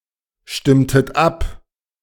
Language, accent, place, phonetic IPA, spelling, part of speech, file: German, Germany, Berlin, [ˌʃtɪmtət ˈap], stimmtet ab, verb, De-stimmtet ab.ogg
- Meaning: inflection of abstimmen: 1. second-person plural preterite 2. second-person plural subjunctive II